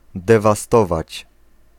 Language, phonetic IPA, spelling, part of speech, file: Polish, [ˌdɛvaˈstɔvat͡ɕ], dewastować, verb, Pl-dewastować.ogg